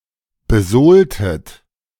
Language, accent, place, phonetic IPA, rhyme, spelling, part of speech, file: German, Germany, Berlin, [bəˈzoːltət], -oːltət, besohltet, verb, De-besohltet.ogg
- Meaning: inflection of besohlen: 1. second-person plural preterite 2. second-person plural subjunctive II